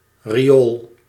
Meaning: a sewer, drain to remove filth
- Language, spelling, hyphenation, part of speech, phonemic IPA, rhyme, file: Dutch, riool, ri‧ool, noun, /riˈoːl/, -oːl, Nl-riool.ogg